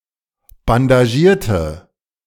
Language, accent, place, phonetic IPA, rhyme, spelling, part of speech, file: German, Germany, Berlin, [bandaˈʒiːɐ̯tə], -iːɐ̯tə, bandagierte, adjective / verb, De-bandagierte.ogg
- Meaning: inflection of bandagieren: 1. first/third-person singular preterite 2. first/third-person singular subjunctive II